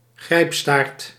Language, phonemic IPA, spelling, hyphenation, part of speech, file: Dutch, /ˈɣrɛi̯p.staːrt/, grijpstaart, grijp‧staart, noun, Nl-grijpstaart.ogg
- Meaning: prehensile tail